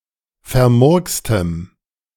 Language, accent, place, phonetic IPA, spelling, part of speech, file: German, Germany, Berlin, [fɛɐ̯ˈmʊʁkstəm], vermurkstem, adjective, De-vermurkstem.ogg
- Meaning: strong dative masculine/neuter singular of vermurkst